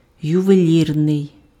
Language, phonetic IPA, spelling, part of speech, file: Ukrainian, [jʊʋeˈlʲirnei̯], ювелірний, adjective, Uk-ювелірний.ogg
- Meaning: 1. jewellery, jewelry (attributive) 2. jeweller's, jeweler's 3. fine, minute, intricate